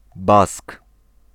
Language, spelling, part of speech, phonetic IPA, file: Polish, Bask, noun, [bask], Pl-Bask.ogg